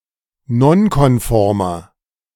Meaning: inflection of nonkonform: 1. strong/mixed nominative masculine singular 2. strong genitive/dative feminine singular 3. strong genitive plural
- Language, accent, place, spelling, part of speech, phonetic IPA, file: German, Germany, Berlin, nonkonformer, adjective, [ˈnɔnkɔnˌfɔʁmɐ], De-nonkonformer.ogg